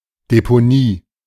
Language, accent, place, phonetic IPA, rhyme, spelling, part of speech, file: German, Germany, Berlin, [depoˈniː], -iː, Deponie, noun, De-Deponie.ogg
- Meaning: landfill, dumpsite